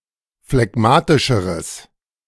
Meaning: strong/mixed nominative/accusative neuter singular comparative degree of phlegmatisch
- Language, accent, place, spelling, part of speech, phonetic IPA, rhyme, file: German, Germany, Berlin, phlegmatischeres, adjective, [flɛˈɡmaːtɪʃəʁəs], -aːtɪʃəʁəs, De-phlegmatischeres.ogg